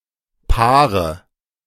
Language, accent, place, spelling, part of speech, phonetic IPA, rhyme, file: German, Germany, Berlin, Paare, noun, [ˈpaːʁə], -aːʁə, De-Paare.ogg
- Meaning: nominative/accusative/genitive plural of Paar